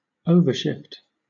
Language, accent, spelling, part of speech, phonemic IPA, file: English, Southern England, overshift, noun / verb, /ˈəʊvə(ɹ)ˌʃɪft/, LL-Q1860 (eng)-overshift.wav
- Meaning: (noun) The strategy or act of positioning defensive players extra far toward the offense's strong side, leaving portions of the field or court undefended